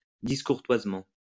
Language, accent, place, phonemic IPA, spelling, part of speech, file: French, France, Lyon, /dis.kuʁ.twaz.mɑ̃/, discourtoisement, adverb, LL-Q150 (fra)-discourtoisement.wav
- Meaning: discourteously